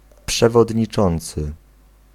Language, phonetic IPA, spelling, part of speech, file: Polish, [ˌpʃɛvɔdʲɲiˈt͡ʃɔ̃nt͡sɨ], przewodniczący, noun / verb, Pl-przewodniczący.ogg